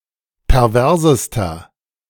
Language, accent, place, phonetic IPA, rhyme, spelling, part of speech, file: German, Germany, Berlin, [pɛʁˈvɛʁzəstɐ], -ɛʁzəstɐ, perversester, adjective, De-perversester.ogg
- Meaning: inflection of pervers: 1. strong/mixed nominative masculine singular superlative degree 2. strong genitive/dative feminine singular superlative degree 3. strong genitive plural superlative degree